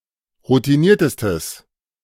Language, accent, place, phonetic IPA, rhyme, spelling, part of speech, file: German, Germany, Berlin, [ʁutiˈniːɐ̯təstəs], -iːɐ̯təstəs, routiniertestes, adjective, De-routiniertestes.ogg
- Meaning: strong/mixed nominative/accusative neuter singular superlative degree of routiniert